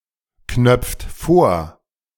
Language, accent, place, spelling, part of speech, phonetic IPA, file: German, Germany, Berlin, knöpft vor, verb, [ˌknœp͡ft ˈfoːɐ̯], De-knöpft vor.ogg
- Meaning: inflection of vorknöpfen: 1. second-person plural present 2. third-person singular present 3. plural imperative